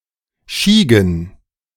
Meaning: plural of Schiege
- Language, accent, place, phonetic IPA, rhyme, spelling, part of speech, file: German, Germany, Berlin, [ˈʃiːɡn̩], -iːɡn̩, Schiegen, noun, De-Schiegen.ogg